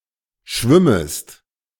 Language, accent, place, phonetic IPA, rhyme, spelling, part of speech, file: German, Germany, Berlin, [ˈʃvɪməst], -ɪməst, schwimmest, verb, De-schwimmest.ogg
- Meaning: second-person singular subjunctive I of schwimmen